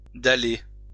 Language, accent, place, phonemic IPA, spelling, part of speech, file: French, France, Lyon, /da.le/, daller, verb, LL-Q150 (fra)-daller.wav
- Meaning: to pave with slabs